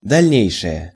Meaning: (adjective) neuter nominative singular of дальне́йший (dalʹnéjšij); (noun) future, what has happened or will happen subsequently, later on
- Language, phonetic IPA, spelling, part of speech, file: Russian, [dɐlʲˈnʲejʂɨje], дальнейшее, adjective / noun, Ru-дальнейшее.ogg